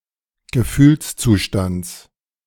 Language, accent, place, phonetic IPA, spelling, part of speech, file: German, Germany, Berlin, [ɡəˈfyːlst͡suːˌʃtant͡s], Gefühlszustands, noun, De-Gefühlszustands.ogg
- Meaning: genitive of Gefühlszustand